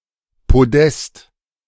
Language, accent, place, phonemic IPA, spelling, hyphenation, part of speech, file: German, Germany, Berlin, /poˈdɛst/, Podest, Po‧dest, noun, De-Podest.ogg
- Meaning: podium